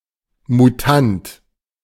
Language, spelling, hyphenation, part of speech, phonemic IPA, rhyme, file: German, Mutant, Mu‧tant, noun, /muˈtant/, -ant, De-Mutant.oga
- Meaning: 1. mutant (that has undergone genetic mutation) 2. A boy (especially a choirboy) whose voice is breaking due to puberty